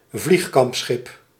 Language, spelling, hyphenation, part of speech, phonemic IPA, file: Dutch, vliegkampschip, vlieg‧kamp‧schip, noun, /ˈvlix.kɑmpˌsxɪp/, Nl-vliegkampschip.ogg
- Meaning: aircraft carrier